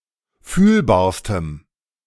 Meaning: strong dative masculine/neuter singular superlative degree of fühlbar
- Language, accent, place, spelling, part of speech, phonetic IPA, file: German, Germany, Berlin, fühlbarstem, adjective, [ˈfyːlbaːɐ̯stəm], De-fühlbarstem.ogg